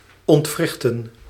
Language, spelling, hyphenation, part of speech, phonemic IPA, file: Dutch, ontwrichten, ont‧wrich‧ten, verb, /ɔntˈvrɪxtə(n)/, Nl-ontwrichten.ogg
- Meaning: 1. to dislocate 2. to disrupt, disorganize, destabilize, subvert